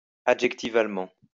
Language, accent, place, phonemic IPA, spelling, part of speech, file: French, France, Lyon, /a.dʒɛk.ti.val.mɑ̃/, adjectivalement, adverb, LL-Q150 (fra)-adjectivalement.wav
- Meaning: adjectivally